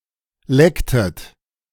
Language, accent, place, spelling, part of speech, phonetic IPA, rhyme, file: German, Germany, Berlin, lecktet, verb, [ˈlɛktət], -ɛktət, De-lecktet.ogg
- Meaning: inflection of lecken: 1. second-person plural preterite 2. second-person plural subjunctive II